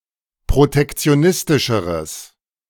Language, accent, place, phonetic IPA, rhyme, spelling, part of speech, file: German, Germany, Berlin, [pʁotɛkt͡si̯oˈnɪstɪʃəʁəs], -ɪstɪʃəʁəs, protektionistischeres, adjective, De-protektionistischeres.ogg
- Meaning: strong/mixed nominative/accusative neuter singular comparative degree of protektionistisch